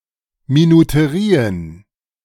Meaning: plural of Minuterie
- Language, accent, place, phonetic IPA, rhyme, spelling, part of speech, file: German, Germany, Berlin, [minuteˈʁiːən], -iːən, Minuterien, noun, De-Minuterien.ogg